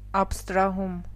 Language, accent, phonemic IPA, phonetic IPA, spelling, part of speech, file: Armenian, Eastern Armenian, /ɑpʰstɾɑˈhum/, [ɑpʰstɾɑhúm], աբստրահում, noun, Hy-աբստրահում.ogg
- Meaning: abstraction (the act of abstracting or being abstracted)